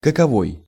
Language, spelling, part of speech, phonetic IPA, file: Russian, каковой, determiner, [kəkɐˈvoj], Ru-каковой.ogg
- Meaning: 1. synonym of како́й (kakój) in the main determiner and pronoun senses 2. synonym of кото́рый (kotóryj) in the interrogative and relative pronoun senses